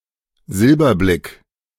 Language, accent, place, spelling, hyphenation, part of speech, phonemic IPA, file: German, Germany, Berlin, Silberblick, Sil‧ber‧blick, noun, /ˈzɪlbɐˌblɪk/, De-Silberblick.ogg
- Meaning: small squint (strabismus)